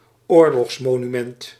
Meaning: war memorial
- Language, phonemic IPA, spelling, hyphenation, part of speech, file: Dutch, /ˈoːr.lɔxs.moː.nyˌmɛnt/, oorlogsmonument, oor‧logs‧mo‧nu‧ment, noun, Nl-oorlogsmonument.ogg